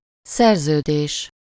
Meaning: contract, treaty (agreement that is legally binding)
- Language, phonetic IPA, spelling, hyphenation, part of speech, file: Hungarian, [ˈsɛrzøːdeːʃ], szerződés, szer‧ző‧dés, noun, Hu-szerződés.ogg